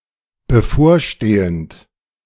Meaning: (verb) present participle of bevorstehen; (adjective) 1. imminent, impending 2. approaching, upcoming, forthcoming 3. pending
- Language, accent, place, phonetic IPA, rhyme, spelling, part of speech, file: German, Germany, Berlin, [bəˈfoːɐ̯ˌʃteːənt], -oːɐ̯ʃteːənt, bevorstehend, verb, De-bevorstehend.ogg